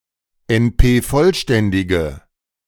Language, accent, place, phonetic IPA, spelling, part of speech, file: German, Germany, Berlin, [ɛnˈpeːˌfɔlʃtɛndɪɡə], NP-vollständige, adjective, De-NP-vollständige.ogg
- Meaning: inflection of NP-vollständig: 1. strong/mixed nominative/accusative feminine singular 2. strong nominative/accusative plural 3. weak nominative all-gender singular